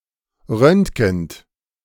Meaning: present participle of röntgen
- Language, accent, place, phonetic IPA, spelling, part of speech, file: German, Germany, Berlin, [ˈʁœntɡn̩t], röntgend, verb, De-röntgend.ogg